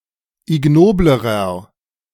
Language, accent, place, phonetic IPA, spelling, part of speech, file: German, Germany, Berlin, [ɪˈɡnoːbləʁɐ], ignoblerer, adjective, De-ignoblerer.ogg
- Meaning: inflection of ignobel: 1. strong/mixed nominative masculine singular comparative degree 2. strong genitive/dative feminine singular comparative degree 3. strong genitive plural comparative degree